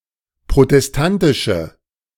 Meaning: inflection of protestantisch: 1. strong/mixed nominative/accusative feminine singular 2. strong nominative/accusative plural 3. weak nominative all-gender singular
- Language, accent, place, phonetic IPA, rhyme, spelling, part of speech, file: German, Germany, Berlin, [pʁotɛsˈtantɪʃə], -antɪʃə, protestantische, adjective, De-protestantische.ogg